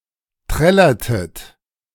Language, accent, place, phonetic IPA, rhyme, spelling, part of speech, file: German, Germany, Berlin, [ˈtʁɛlɐtət], -ɛlɐtət, trällertet, verb, De-trällertet.ogg
- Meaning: inflection of trällern: 1. second-person plural preterite 2. second-person plural subjunctive II